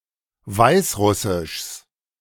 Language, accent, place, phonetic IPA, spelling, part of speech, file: German, Germany, Berlin, [ˈvaɪ̯sˌʁʊsɪʃs], Weißrussischs, noun, De-Weißrussischs.ogg
- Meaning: genitive singular of Weißrussisch